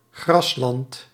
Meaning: grassland; may also refer to a pasture or lawn
- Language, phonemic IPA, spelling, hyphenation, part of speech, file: Dutch, /ˈɣrɑs.lɑnt/, grasland, gras‧land, noun, Nl-grasland.ogg